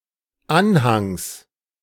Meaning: genitive singular of Anhang
- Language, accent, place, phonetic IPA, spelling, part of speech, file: German, Germany, Berlin, [ˈanhaŋs], Anhangs, noun, De-Anhangs.ogg